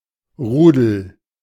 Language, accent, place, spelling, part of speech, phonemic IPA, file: German, Germany, Berlin, Rudel, noun, /ˈʁuːdl̩/, De-Rudel.ogg
- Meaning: pack (of wolves, dogs, hyenas etc.)